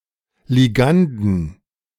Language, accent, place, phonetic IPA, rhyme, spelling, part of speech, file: German, Germany, Berlin, [liˈɡandn̩], -andn̩, Liganden, noun, De-Liganden.ogg
- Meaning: 1. genitive singular of Ligand 2. plural of Ligand